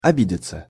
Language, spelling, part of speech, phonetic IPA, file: Russian, обидеться, verb, [ɐˈbʲidʲɪt͡sə], Ru-обидеться.ogg
- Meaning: 1. to take offence (at), to be offended (by), to feel hurt (by), to resent 2. passive of оби́деть (obídetʹ)